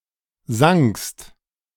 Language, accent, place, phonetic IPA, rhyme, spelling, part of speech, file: German, Germany, Berlin, [zaŋkst], -aŋkst, sankst, verb, De-sankst.ogg
- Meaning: second-person singular preterite of sinken